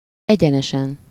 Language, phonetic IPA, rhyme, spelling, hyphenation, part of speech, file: Hungarian, [ˈɛɟɛnɛʃɛn], -ɛn, egyenesen, egye‧ne‧sen, adverb / adjective / noun, Hu-egyenesen.ogg
- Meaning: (adverb) 1. in a straight line 2. straight, directly, without detour 3. plainly, openly, without reservation 4. outright, absolutely; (adjective) superessive singular of egyenes